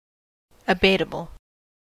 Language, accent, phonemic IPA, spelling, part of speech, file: English, US, /əˈbeɪt.ə.bəl/, abatable, adjective, En-us-abatable.ogg
- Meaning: Capable of being abated